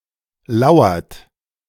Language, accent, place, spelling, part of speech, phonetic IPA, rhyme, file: German, Germany, Berlin, lauert, verb, [ˈlaʊ̯ɐt], -aʊ̯ɐt, De-lauert.ogg
- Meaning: inflection of lauern: 1. third-person singular present 2. second-person plural present 3. plural imperative